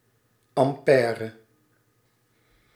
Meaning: ampere
- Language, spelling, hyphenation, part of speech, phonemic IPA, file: Dutch, ampère, am‧pè‧re, noun, /ɑmˈpɛːr(ə)/, Nl-ampère.ogg